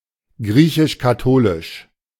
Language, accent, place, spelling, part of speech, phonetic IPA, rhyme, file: German, Germany, Berlin, griechisch-katholisch, adjective, [ˈɡʁiːçɪʃkaˈtoːlɪʃ], -oːlɪʃ, De-griechisch-katholisch.ogg
- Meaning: Greek Catholic